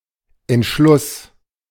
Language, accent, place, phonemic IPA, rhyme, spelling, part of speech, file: German, Germany, Berlin, /ɛntˈʃlʊs/, -ʊs, Entschluss, noun, De-Entschluss.ogg
- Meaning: 1. resolution, conclusion 2. decision, resolve, determination